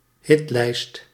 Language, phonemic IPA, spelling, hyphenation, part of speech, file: Dutch, /ˈɦɪt.lɛi̯st/, hitlijst, hit‧lijst, noun, Nl-hitlijst.ogg
- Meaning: a music chart, a hit parade